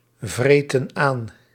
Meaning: inflection of aanvreten: 1. plural present indicative 2. plural present subjunctive
- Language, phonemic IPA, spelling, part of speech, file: Dutch, /ˈvretə(n) ˈan/, vreten aan, verb, Nl-vreten aan.ogg